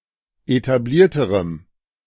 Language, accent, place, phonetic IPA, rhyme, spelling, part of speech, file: German, Germany, Berlin, [etaˈbliːɐ̯təʁəm], -iːɐ̯təʁəm, etablierterem, adjective, De-etablierterem.ogg
- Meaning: strong dative masculine/neuter singular comparative degree of etabliert